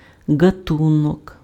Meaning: kind, sort, class
- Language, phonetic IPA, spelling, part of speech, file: Ukrainian, [ɡɐˈtunɔk], ґатунок, noun, Uk-ґатунок.ogg